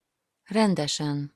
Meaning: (adverb) 1. usually, normally, as a rule, generally 2. tidily, neatly, properly, duly 3. really, actually; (adjective) superessive singular of rendes
- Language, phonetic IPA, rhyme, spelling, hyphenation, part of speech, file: Hungarian, [ˈrɛndɛʃɛn], -ɛn, rendesen, ren‧de‧sen, adverb / adjective, Hu-rendesen.opus